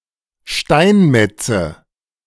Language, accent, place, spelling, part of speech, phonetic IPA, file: German, Germany, Berlin, Steinmetze, noun, [ˈʃtaɪ̯nˌmɛt͡sə], De-Steinmetze.ogg
- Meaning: nominative/accusative/genitive plural of Steinmetz